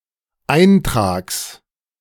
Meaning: genitive singular of Eintrag
- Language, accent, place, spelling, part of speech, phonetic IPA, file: German, Germany, Berlin, Eintrags, noun, [ˈaɪ̯ntʁaːks], De-Eintrags.ogg